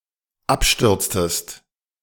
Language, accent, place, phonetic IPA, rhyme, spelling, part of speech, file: German, Germany, Berlin, [ˈapˌʃtʏʁt͡stəst], -apʃtʏʁt͡stəst, abstürztest, verb, De-abstürztest.ogg
- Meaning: inflection of abstürzen: 1. second-person singular dependent preterite 2. second-person singular dependent subjunctive II